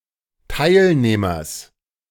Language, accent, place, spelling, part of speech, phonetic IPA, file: German, Germany, Berlin, Teilnehmers, noun, [ˈtaɪ̯lˌneːmɐs], De-Teilnehmers.ogg
- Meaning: genitive singular of Teilnehmer